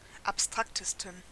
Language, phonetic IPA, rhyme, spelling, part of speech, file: German, [apˈstʁaktəstn̩], -aktəstn̩, abstraktesten, adjective, De-abstraktesten.ogg
- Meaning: 1. superlative degree of abstrakt 2. inflection of abstrakt: strong genitive masculine/neuter singular superlative degree